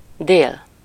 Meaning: 1. noon 2. south, abbreviated as D
- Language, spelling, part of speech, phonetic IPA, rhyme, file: Hungarian, dél, noun, [ˈdeːl], -eːl, Hu-dél.ogg